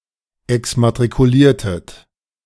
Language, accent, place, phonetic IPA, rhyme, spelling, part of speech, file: German, Germany, Berlin, [ɛksmatʁikuˈliːɐ̯tət], -iːɐ̯tət, exmatrikuliertet, verb, De-exmatrikuliertet.ogg
- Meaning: inflection of exmatrikulieren: 1. second-person plural preterite 2. second-person plural subjunctive II